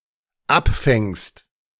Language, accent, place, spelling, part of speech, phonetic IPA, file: German, Germany, Berlin, abfängst, verb, [ˈapˌfɛŋst], De-abfängst.ogg
- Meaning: second-person singular dependent present of abfangen